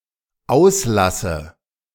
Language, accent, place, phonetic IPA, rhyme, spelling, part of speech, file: German, Germany, Berlin, [ˈaʊ̯sˌlasə], -aʊ̯slasə, auslasse, verb, De-auslasse.ogg
- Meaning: inflection of auslassen: 1. first-person singular dependent present 2. first/third-person singular dependent subjunctive I